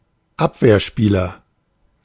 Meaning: back; defender (player; male or of unspecified sex)
- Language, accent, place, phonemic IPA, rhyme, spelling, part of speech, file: German, Germany, Berlin, /ˈap.vɛɐ̯ˌʃpiːlɐ/, -iːlɐ, Abwehrspieler, noun, De-Abwehrspieler.ogg